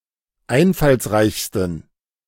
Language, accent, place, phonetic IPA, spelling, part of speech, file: German, Germany, Berlin, [ˈaɪ̯nfalsˌʁaɪ̯çstn̩], einfallsreichsten, adjective, De-einfallsreichsten.ogg
- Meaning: 1. superlative degree of einfallsreich 2. inflection of einfallsreich: strong genitive masculine/neuter singular superlative degree